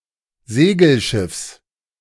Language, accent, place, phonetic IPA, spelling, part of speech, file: German, Germany, Berlin, [ˈzeːɡl̩ˌʃɪfs], Segelschiffs, noun, De-Segelschiffs.ogg
- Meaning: genitive singular of Segelschiff